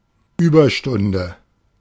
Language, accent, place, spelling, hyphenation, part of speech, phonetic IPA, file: German, Germany, Berlin, Überstunde, Über‧stun‧de, noun, [ˈyːbɐˌʃtʊndə], De-Überstunde.ogg
- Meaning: 1. hour of overtime 2. overtime